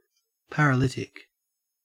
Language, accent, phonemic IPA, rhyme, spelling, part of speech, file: English, Australia, /ˌpæɹəˈlɪtɪk/, -ɪtɪk, paralytic, noun / adjective, En-au-paralytic.ogg
- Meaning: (noun) 1. Someone suffering from paralysis 2. A drug that produces paralysis; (adjective) 1. Affected by paralysis; paralysed 2. Pertaining to paralysis 3. Very drunk